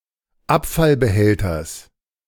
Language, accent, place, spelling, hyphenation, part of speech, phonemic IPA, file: German, Germany, Berlin, Abfallbehälters, Ab‧fall‧be‧häl‧ters, noun, /ˈapfalbəˌhɛltɐs/, De-Abfallbehälters.ogg
- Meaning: genitive singular of Abfallbehälter